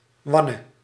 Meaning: singular present subjunctive of wannen
- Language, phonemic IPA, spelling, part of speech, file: Dutch, /ˈwɑnə/, wanne, adjective / verb, Nl-wanne.ogg